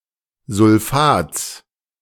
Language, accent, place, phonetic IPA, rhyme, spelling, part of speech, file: German, Germany, Berlin, [zʊlˈfaːt͡s], -aːt͡s, Sulfats, noun, De-Sulfats.ogg
- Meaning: genitive singular of Sulfat